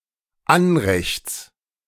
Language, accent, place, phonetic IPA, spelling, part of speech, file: German, Germany, Berlin, [ˈanʁɛçt͡s], Anrechts, noun, De-Anrechts.ogg
- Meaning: genitive singular of Anrecht